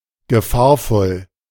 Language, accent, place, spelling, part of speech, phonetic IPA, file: German, Germany, Berlin, gefahrvoll, adjective, [ɡəˈfaːɐ̯fɔl], De-gefahrvoll.ogg
- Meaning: dangerous, hazardous